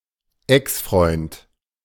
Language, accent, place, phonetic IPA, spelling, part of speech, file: German, Germany, Berlin, [ˈɛksˌfʀɔɪ̯nt], Exfreund, noun, De-Exfreund.ogg
- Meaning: ex-boyfriend